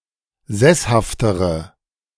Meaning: inflection of sesshaft: 1. strong/mixed nominative/accusative feminine singular comparative degree 2. strong nominative/accusative plural comparative degree
- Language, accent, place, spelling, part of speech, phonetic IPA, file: German, Germany, Berlin, sesshaftere, adjective, [ˈzɛshaftəʁə], De-sesshaftere.ogg